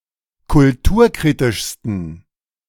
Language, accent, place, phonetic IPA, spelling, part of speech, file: German, Germany, Berlin, [kʊlˈtuːɐ̯ˌkʁiːtɪʃstn̩], kulturkritischsten, adjective, De-kulturkritischsten.ogg
- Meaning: 1. superlative degree of kulturkritisch 2. inflection of kulturkritisch: strong genitive masculine/neuter singular superlative degree